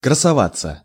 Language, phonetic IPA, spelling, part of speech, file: Russian, [krəsɐˈvat͡sːə], красоваться, verb, Ru-красоваться.ogg
- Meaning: 1. to stand out 2. to show off (beauty, looks, cloth, etc) 3. to enjoy looking at oneself (ex. in front of the mirror)